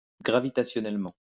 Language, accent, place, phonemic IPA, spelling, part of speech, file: French, France, Lyon, /ɡʁa.vi.ta.sjɔ.nɛl.mɑ̃/, gravitationnellement, adverb, LL-Q150 (fra)-gravitationnellement.wav
- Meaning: gravitationally